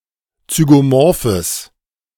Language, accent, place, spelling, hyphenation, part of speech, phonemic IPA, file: German, Germany, Berlin, zygomorphes, zy‧go‧mor‧phes, adjective, /t͡syɡoˈmɔʁfəs/, De-zygomorphes.ogg
- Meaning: strong/mixed nominative/accusative neuter singular of zygomorph